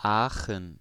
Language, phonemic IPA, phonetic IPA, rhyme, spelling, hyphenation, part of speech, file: German, /ˈaːxən/, [ˈʔaː.χn̩], -aːxən, Aachen, Aa‧chen, proper noun, De-Aachen.ogg
- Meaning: 1. Aachen (a city in North Rhine-Westphalia, Germany, Europe) 2. a special district (Kommunalverband besonderer Art) of North Rhine-Westphalia; full name Städteregion Aachen